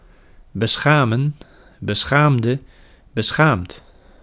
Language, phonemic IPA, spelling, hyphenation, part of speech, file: Dutch, /bəˈsxaː.mə(n)/, beschamen, be‧scha‧men, verb, Nl-beschamen.ogg
- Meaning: 1. to embarrass, to cause shame 2. to disgrace, to dishonour